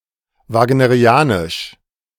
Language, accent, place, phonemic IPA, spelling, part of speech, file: German, Germany, Berlin, /ˌvaːɡnəʁiˈaːnɪʃ/, wagnerianisch, adjective, De-wagnerianisch.ogg
- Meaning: Wagnerian